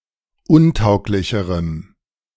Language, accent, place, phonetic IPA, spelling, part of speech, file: German, Germany, Berlin, [ˈʊnˌtaʊ̯klɪçəʁəm], untauglicherem, adjective, De-untauglicherem.ogg
- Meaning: strong dative masculine/neuter singular comparative degree of untauglich